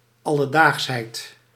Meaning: commonplace, ordinariness, doldrums
- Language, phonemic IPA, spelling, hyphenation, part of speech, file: Dutch, /ˌɑ.ləˈdaːxs.ɦɛi̯t/, alledaagsheid, al‧le‧daags‧heid, noun, Nl-alledaagsheid.ogg